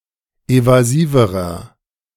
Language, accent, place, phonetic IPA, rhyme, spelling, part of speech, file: German, Germany, Berlin, [ˌevaˈziːvəʁɐ], -iːvəʁɐ, evasiverer, adjective, De-evasiverer.ogg
- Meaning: inflection of evasiv: 1. strong/mixed nominative masculine singular comparative degree 2. strong genitive/dative feminine singular comparative degree 3. strong genitive plural comparative degree